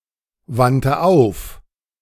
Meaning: first/third-person singular preterite of aufwenden
- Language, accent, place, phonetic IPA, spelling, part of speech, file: German, Germany, Berlin, [ˌvantə ˈaʊ̯f], wandte auf, verb, De-wandte auf.ogg